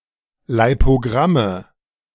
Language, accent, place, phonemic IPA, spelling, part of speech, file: German, Germany, Berlin, /laɪ̯poˈɡʁamə/, Leipogramme, noun, De-Leipogramme.ogg
- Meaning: nominative/accusative/genitive plural of Leipogramm